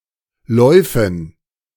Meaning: dative plural of Lauf
- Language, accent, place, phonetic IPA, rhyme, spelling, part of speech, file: German, Germany, Berlin, [ˈlɔɪ̯fn̩], -ɔɪ̯fn̩, Läufen, noun, De-Läufen.ogg